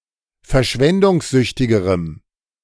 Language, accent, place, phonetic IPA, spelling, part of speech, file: German, Germany, Berlin, [fɛɐ̯ˈʃvɛndʊŋsˌzʏçtɪɡəʁəm], verschwendungssüchtigerem, adjective, De-verschwendungssüchtigerem.ogg
- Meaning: strong dative masculine/neuter singular comparative degree of verschwendungssüchtig